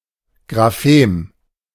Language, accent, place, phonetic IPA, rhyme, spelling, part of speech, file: German, Germany, Berlin, [ɡʁaˈfeːm], -eːm, Grafem, noun, De-Grafem.ogg
- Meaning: rare spelling of Graphem